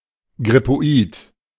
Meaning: flulike
- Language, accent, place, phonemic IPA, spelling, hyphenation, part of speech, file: German, Germany, Berlin, /ɡʁɪpoˈiːt/, grippoid, grip‧po‧id, adjective, De-grippoid.ogg